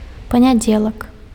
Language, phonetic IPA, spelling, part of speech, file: Belarusian, [panʲaˈd͡zʲeɫak], панядзелак, noun, Be-панядзелак.ogg
- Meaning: Monday